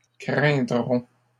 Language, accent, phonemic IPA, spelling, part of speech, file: French, Canada, /kʁɛ̃.dʁɔ̃/, craindrons, verb, LL-Q150 (fra)-craindrons.wav
- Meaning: first-person plural future of craindre